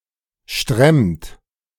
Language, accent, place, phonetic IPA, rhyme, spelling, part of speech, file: German, Germany, Berlin, [ʃtʁɛmt], -ɛmt, stremmt, verb, De-stremmt.ogg
- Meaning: inflection of stremmen: 1. second-person plural present 2. third-person singular present 3. plural imperative